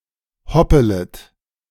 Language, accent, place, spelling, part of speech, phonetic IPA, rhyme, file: German, Germany, Berlin, hoppelet, verb, [ˈhɔpələt], -ɔpələt, De-hoppelet.ogg
- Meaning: second-person plural subjunctive I of hoppeln